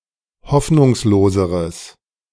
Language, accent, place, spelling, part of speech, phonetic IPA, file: German, Germany, Berlin, hoffnungsloseres, adjective, [ˈhɔfnʊŋsloːzəʁəs], De-hoffnungsloseres.ogg
- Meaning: strong/mixed nominative/accusative neuter singular comparative degree of hoffnungslos